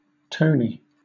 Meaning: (adjective) Stylish, high-toned, upscale; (noun) A simpleton
- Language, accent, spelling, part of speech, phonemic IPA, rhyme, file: English, Southern England, tony, adjective / noun, /ˈtəʊni/, -əʊni, LL-Q1860 (eng)-tony.wav